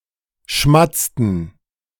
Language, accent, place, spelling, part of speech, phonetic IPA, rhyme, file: German, Germany, Berlin, schmatzten, verb, [ˈʃmat͡stn̩], -at͡stn̩, De-schmatzten.ogg
- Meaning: inflection of schmatzen: 1. first/third-person plural preterite 2. first/third-person plural subjunctive II